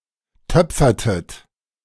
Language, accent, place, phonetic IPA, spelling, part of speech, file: German, Germany, Berlin, [ˈtœp͡fɐtət], töpfertet, verb, De-töpfertet.ogg
- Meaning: inflection of töpfern: 1. second-person plural preterite 2. second-person plural subjunctive II